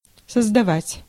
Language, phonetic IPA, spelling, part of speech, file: Russian, [səzdɐˈvatʲ], создавать, verb, Ru-создавать.ogg
- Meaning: 1. to create 2. to found, to originate 3. to set up, to establish